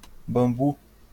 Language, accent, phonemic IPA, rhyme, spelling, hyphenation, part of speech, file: Portuguese, Brazil, /bɐ̃ˈbu/, -u, bambu, bam‧bu, noun, LL-Q5146 (por)-bambu.wav
- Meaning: bamboo